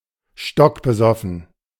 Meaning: dead drunk, blind drunk
- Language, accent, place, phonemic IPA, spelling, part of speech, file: German, Germany, Berlin, /ˈʃtɔkbəˌzɔfn̩/, stockbesoffen, adjective, De-stockbesoffen.ogg